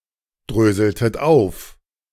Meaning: inflection of aufdröseln: 1. second-person plural preterite 2. second-person plural subjunctive II
- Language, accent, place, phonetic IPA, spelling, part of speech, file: German, Germany, Berlin, [ˌdʁøːzl̩tət ˈaʊ̯f], dröseltet auf, verb, De-dröseltet auf.ogg